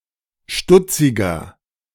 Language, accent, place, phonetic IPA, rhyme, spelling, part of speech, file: German, Germany, Berlin, [ˈʃtʊt͡sɪɡɐ], -ʊt͡sɪɡɐ, stutziger, adjective, De-stutziger.ogg
- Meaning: 1. comparative degree of stutzig 2. inflection of stutzig: strong/mixed nominative masculine singular 3. inflection of stutzig: strong genitive/dative feminine singular